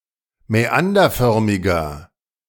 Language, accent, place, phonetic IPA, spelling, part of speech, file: German, Germany, Berlin, [mɛˈandɐˌfœʁmɪɡɐ], mäanderförmiger, adjective, De-mäanderförmiger.ogg
- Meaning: inflection of mäanderförmig: 1. strong/mixed nominative masculine singular 2. strong genitive/dative feminine singular 3. strong genitive plural